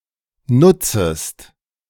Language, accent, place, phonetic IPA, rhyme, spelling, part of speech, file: German, Germany, Berlin, [ˈnʊt͡səst], -ʊt͡səst, nutzest, verb, De-nutzest.ogg
- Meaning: second-person singular subjunctive I of nutzen